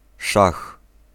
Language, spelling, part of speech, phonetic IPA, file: Polish, szach, noun / interjection, [ʃax], Pl-szach.ogg